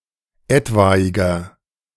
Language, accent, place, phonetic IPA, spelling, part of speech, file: German, Germany, Berlin, [ˈɛtvaɪ̯ɡɐ], etwaiger, adjective, De-etwaiger.ogg
- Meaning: inflection of etwaig: 1. strong/mixed nominative masculine singular 2. strong genitive/dative feminine singular 3. strong genitive plural